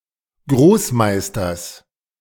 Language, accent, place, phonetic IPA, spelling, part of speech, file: German, Germany, Berlin, [ˈɡʁoːsˌmaɪ̯stɐs], Großmeisters, noun, De-Großmeisters.ogg
- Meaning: genitive singular of Großmeister